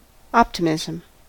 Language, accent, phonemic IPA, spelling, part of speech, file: English, US, /ˈɑptɪmɪzəm/, optimism, noun, En-us-optimism.ogg
- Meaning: 1. A tendency to expect the best, or at least, a favourable outcome 2. The doctrine that this world is the best of all possible worlds 3. The belief that good will eventually triumph over evil